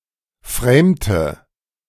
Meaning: inflection of framen: 1. first/third-person singular preterite 2. first/third-person singular subjunctive II
- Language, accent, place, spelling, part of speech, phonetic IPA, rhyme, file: German, Germany, Berlin, framte, verb, [ˈfʁeːmtə], -eːmtə, De-framte.ogg